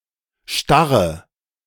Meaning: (adjective) inflection of starr: 1. strong/mixed nominative/accusative feminine singular 2. strong nominative/accusative plural 3. weak nominative all-gender singular
- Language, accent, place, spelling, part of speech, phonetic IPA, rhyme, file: German, Germany, Berlin, starre, verb / adjective, [ˈʃtaʁə], -aʁə, De-starre.ogg